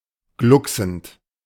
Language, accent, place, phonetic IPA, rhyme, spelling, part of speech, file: German, Germany, Berlin, [ˈɡlʊksn̩t], -ʊksn̩t, glucksend, verb, De-glucksend.ogg
- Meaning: present participle of glucksen